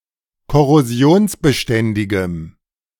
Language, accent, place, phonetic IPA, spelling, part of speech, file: German, Germany, Berlin, [kɔʁoˈzi̯oːnsbəˌʃtɛndɪɡəm], korrosionsbeständigem, adjective, De-korrosionsbeständigem.ogg
- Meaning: strong dative masculine/neuter singular of korrosionsbeständig